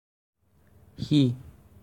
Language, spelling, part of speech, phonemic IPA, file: Assamese, সি, pronoun, /xi/, As-সি.ogg
- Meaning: he, that